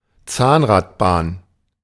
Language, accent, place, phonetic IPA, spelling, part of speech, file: German, Germany, Berlin, [ˈt͡saːnʁatˌbaːn], Zahnradbahn, noun, De-Zahnradbahn.ogg
- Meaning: rack railway, cog railway